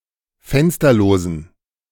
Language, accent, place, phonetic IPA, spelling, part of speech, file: German, Germany, Berlin, [ˈfɛnstɐloːzn̩], fensterlosen, adjective, De-fensterlosen.ogg
- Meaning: inflection of fensterlos: 1. strong genitive masculine/neuter singular 2. weak/mixed genitive/dative all-gender singular 3. strong/weak/mixed accusative masculine singular 4. strong dative plural